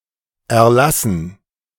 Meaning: dative plural of Erlass
- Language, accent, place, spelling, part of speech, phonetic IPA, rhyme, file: German, Germany, Berlin, Erlassen, noun, [ɛɐ̯ˈlasn̩], -asn̩, De-Erlassen.ogg